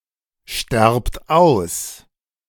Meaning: inflection of aussterben: 1. second-person plural present 2. plural imperative
- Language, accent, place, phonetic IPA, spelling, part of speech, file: German, Germany, Berlin, [ˌʃtɛʁpt ˈaʊ̯s], sterbt aus, verb, De-sterbt aus.ogg